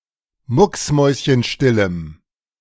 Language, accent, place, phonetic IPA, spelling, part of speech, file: German, Germany, Berlin, [ˈmʊksˌmɔɪ̯sçənʃtɪləm], mucksmäuschenstillem, adjective, De-mucksmäuschenstillem.ogg
- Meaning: strong dative masculine/neuter singular of mucksmäuschenstill